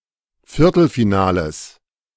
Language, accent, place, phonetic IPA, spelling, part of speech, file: German, Germany, Berlin, [ˈfɪʁtl̩fiˌnaːləs], Viertelfinales, noun, De-Viertelfinales.ogg
- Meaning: genitive singular of Viertelfinale